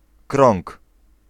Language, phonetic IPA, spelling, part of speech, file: Polish, [krɔ̃ŋk], krąg, noun, Pl-krąg.ogg